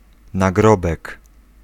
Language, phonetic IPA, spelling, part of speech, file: Polish, [naˈɡrɔbɛk], nagrobek, noun, Pl-nagrobek.ogg